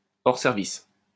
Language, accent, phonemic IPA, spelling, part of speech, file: French, France, /ɔʁ sɛʁ.vis/, hors service, adjective, LL-Q150 (fra)-hors service.wav
- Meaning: out-of-order